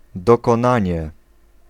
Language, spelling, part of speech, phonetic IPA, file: Polish, dokonanie, noun, [ˌdɔkɔ̃ˈnãɲɛ], Pl-dokonanie.ogg